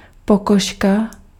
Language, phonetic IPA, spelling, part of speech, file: Czech, [ˈpokoʃka], pokožka, noun, Cs-pokožka.ogg
- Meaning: 1. skin (the outer protective layer of the body of any animal, including of a human) 2. epidermis (skin's outer layer in animals) 3. epidermis (plant's outer layer)